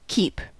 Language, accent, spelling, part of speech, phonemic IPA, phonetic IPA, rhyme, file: English, US, keep, verb / noun, /kiːp/, [k̟çi(ː)p], -iːp, En-us-keep.ogg
- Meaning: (verb) 1. To continue in (a course or mode of action); to not intermit or fall from; to uphold or maintain 2. To remain faithful to a given promise or word